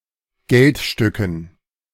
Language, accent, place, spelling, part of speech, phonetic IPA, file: German, Germany, Berlin, Geldstücken, noun, [ˈɡɛltˌʃtʏkn̩], De-Geldstücken.ogg
- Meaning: dative plural of Geldstück